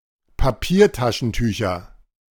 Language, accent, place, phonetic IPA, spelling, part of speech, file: German, Germany, Berlin, [paˈpiːɐ̯taʃn̩ˌtyːçɐ], Papiertaschentücher, noun, De-Papiertaschentücher.ogg
- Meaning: nominative/accusative/genitive plural of Papiertaschentuch